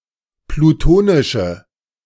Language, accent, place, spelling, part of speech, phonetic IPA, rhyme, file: German, Germany, Berlin, plutonische, adjective, [pluˈtoːnɪʃə], -oːnɪʃə, De-plutonische.ogg
- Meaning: inflection of plutonisch: 1. strong/mixed nominative/accusative feminine singular 2. strong nominative/accusative plural 3. weak nominative all-gender singular